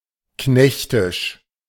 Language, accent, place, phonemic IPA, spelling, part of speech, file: German, Germany, Berlin, /ˈknɛçtɪʃ/, knechtisch, adjective, De-knechtisch.ogg
- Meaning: servile, subservient, menial